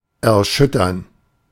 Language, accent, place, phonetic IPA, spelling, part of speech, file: German, Germany, Berlin, [ɛɐ̯ˈʃʏtɐn], erschüttern, verb, De-erschüttern.ogg
- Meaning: 1. to shake, to rock 2. to shake up, to rattle, to convulse